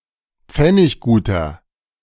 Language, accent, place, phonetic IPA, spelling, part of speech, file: German, Germany, Berlin, [ˈp͡fɛnɪçɡuːtɐ], pfennigguter, adjective, De-pfennigguter.ogg
- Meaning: inflection of pfenniggut: 1. strong/mixed nominative masculine singular 2. strong genitive/dative feminine singular 3. strong genitive plural